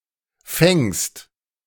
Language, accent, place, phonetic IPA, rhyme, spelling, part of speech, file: German, Germany, Berlin, [fɛŋst], -ɛŋst, fängst, verb, De-fängst.ogg
- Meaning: second-person singular present of fangen